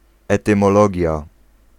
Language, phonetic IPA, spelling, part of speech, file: Polish, [ˌɛtɨ̃mɔˈlɔɟja], etymologia, noun, Pl-etymologia.ogg